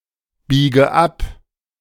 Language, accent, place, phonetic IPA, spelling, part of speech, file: German, Germany, Berlin, [ˌbiːɡə ˈap], biege ab, verb, De-biege ab.ogg
- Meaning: inflection of abbiegen: 1. first-person singular present 2. first/third-person singular subjunctive I 3. singular imperative